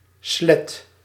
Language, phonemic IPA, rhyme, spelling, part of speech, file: Dutch, /slɛt/, -ɛt, slet, noun, Nl-slet.ogg
- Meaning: 1. slut 2. rag, cloth